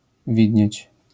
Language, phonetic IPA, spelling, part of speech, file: Polish, [ˈvʲidʲɲɛ̇t͡ɕ], widnieć, verb, LL-Q809 (pol)-widnieć.wav